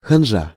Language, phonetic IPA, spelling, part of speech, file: Russian, [xɐnˈʐa], ханжа, noun, Ru-ханжа.ogg
- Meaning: bigot, hypocrite, Pharisee